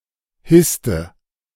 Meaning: inflection of hissen: 1. first/third-person singular preterite 2. first/third-person singular subjunctive II
- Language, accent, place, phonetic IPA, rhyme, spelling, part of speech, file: German, Germany, Berlin, [ˈhɪstə], -ɪstə, hisste, verb, De-hisste.ogg